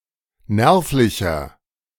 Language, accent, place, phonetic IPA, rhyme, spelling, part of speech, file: German, Germany, Berlin, [ˈnɛʁflɪçɐ], -ɛʁflɪçɐ, nervlicher, adjective, De-nervlicher.ogg
- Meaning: inflection of nervlich: 1. strong/mixed nominative masculine singular 2. strong genitive/dative feminine singular 3. strong genitive plural